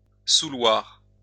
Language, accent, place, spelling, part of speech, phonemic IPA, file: French, France, Lyon, souloir, verb, /su.lwaʁ/, LL-Q150 (fra)-souloir.wav
- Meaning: to have the habit of, to be used to